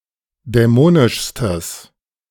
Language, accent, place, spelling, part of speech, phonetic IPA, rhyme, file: German, Germany, Berlin, dämonischstes, adjective, [dɛˈmoːnɪʃstəs], -oːnɪʃstəs, De-dämonischstes.ogg
- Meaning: strong/mixed nominative/accusative neuter singular superlative degree of dämonisch